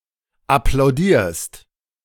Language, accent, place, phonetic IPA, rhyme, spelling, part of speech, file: German, Germany, Berlin, [aplaʊ̯ˈdiːɐ̯st], -iːɐ̯st, applaudierst, verb, De-applaudierst.ogg
- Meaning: second-person singular present of applaudieren